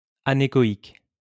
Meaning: anechoic
- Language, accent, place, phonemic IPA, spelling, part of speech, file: French, France, Lyon, /a.ne.kɔ.ik/, anéchoïque, adjective, LL-Q150 (fra)-anéchoïque.wav